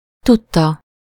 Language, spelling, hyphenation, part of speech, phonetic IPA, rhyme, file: Hungarian, tudta, tud‧ta, noun / verb, [ˈtutːɒ], -tɒ, Hu-tudta.ogg
- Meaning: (noun) knowledge (awareness of a particular fact or situation); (verb) third-person singular indicative past definite of tud